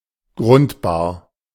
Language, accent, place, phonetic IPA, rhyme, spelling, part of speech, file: German, Germany, Berlin, [ˈɡʁʊntbaːɐ̯], -ʊntbaːɐ̯, grundbar, adjective, De-grundbar.ogg
- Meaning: taxable, allodial